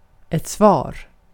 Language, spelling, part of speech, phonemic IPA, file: Swedish, svar, noun, /svɑːr/, Sv-svar.ogg
- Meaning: answer, response, reply